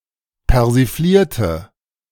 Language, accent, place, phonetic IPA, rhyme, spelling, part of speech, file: German, Germany, Berlin, [pɛʁziˈfliːɐ̯tə], -iːɐ̯tə, persiflierte, adjective / verb, De-persiflierte.ogg
- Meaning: inflection of persiflieren: 1. first/third-person singular preterite 2. first/third-person singular subjunctive II